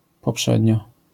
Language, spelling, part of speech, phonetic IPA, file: Polish, poprzednio, adverb, [pɔˈpʃɛdʲɲɔ], LL-Q809 (pol)-poprzednio.wav